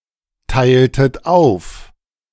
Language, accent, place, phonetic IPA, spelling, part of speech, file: German, Germany, Berlin, [ˌtaɪ̯ltət ˈaʊ̯f], teiltet auf, verb, De-teiltet auf.ogg
- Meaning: inflection of aufteilen: 1. second-person plural preterite 2. second-person plural subjunctive II